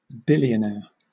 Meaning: Somebody whose wealth is at least one billion (10⁹) currency units (usually understood to exclude holders of hyperinflated currencies)
- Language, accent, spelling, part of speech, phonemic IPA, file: English, Southern England, billionaire, noun, /ˌbɪl.i.əˈnɛə(ɹ)/, LL-Q1860 (eng)-billionaire.wav